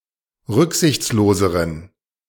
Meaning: inflection of rücksichtslos: 1. strong genitive masculine/neuter singular comparative degree 2. weak/mixed genitive/dative all-gender singular comparative degree
- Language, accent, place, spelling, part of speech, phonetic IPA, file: German, Germany, Berlin, rücksichtsloseren, adjective, [ˈʁʏkzɪçt͡sloːzəʁən], De-rücksichtsloseren.ogg